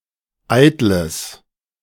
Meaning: strong/mixed nominative/accusative neuter singular of eitel
- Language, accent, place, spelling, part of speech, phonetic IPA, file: German, Germany, Berlin, eitles, adjective, [ˈaɪ̯tləs], De-eitles.ogg